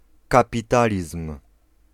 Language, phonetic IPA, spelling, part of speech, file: Polish, [ˌkapʲiˈtalʲism̥], kapitalizm, noun, Pl-kapitalizm.ogg